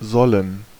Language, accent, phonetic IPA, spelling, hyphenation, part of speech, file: German, Germany, [zɔln̩], sollen, sol‧len, verb, De-sollen.ogg
- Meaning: 1. should; to be obligated (to do something); ought; shall 2. to be recommended (to do something); to be asked (to do something) 3. to be intended (to do something); to be meant (to be something)